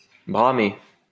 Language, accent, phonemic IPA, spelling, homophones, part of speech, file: French, France, /bʁa.me/, bramer, bramai / bramé / bramée / bramées / bramés / bramez, verb, LL-Q150 (fra)-bramer.wav
- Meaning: 1. to bellow 2. to troat (make the cry of a deer)